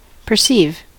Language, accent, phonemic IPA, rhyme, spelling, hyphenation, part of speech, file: English, US, /pɚˈsiv/, -iːv, perceive, per‧ceive, verb, En-us-perceive.ogg
- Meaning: 1. To become aware of, through the physical senses, to see; to understand 2. To interpret something in a particular way